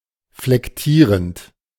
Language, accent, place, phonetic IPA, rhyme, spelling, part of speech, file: German, Germany, Berlin, [flɛkˈtiːʁənt], -iːʁənt, flektierend, adjective / verb, De-flektierend.ogg
- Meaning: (verb) present participle of flektieren; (adjective) inflected